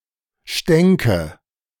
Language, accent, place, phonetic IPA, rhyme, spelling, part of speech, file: German, Germany, Berlin, [ˈʃtɛŋkə], -ɛŋkə, stänke, verb, De-stänke.ogg
- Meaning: first/third-person singular subjunctive II of stinken